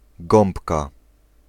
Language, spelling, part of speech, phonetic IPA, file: Polish, gąbka, noun, [ˈɡɔ̃mpka], Pl-gąbka.ogg